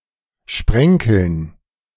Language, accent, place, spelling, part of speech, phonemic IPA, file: German, Germany, Berlin, sprenkeln, verb, /ˈʃprɛŋkəln/, De-sprenkeln.ogg
- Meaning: to sprinkle, to cause to fall in fine drops (restricted to liquids, especially ones that cause spots, specks)